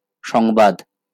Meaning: 1. news 2. report 3. message
- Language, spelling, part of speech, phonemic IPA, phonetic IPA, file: Bengali, সংবাদ, noun, /ʃɔŋbad̪/, [ˈʃɔŋbad̪], LL-Q9610 (ben)-সংবাদ.wav